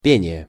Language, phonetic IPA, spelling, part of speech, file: Russian, [ˈpʲenʲɪje], пение, noun, Ru-пение.ogg
- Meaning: singing